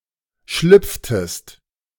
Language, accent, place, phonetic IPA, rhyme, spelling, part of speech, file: German, Germany, Berlin, [ˈʃlʏp͡ftəst], -ʏp͡ftəst, schlüpftest, verb, De-schlüpftest.ogg
- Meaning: inflection of schlüpfen: 1. second-person singular preterite 2. second-person singular subjunctive II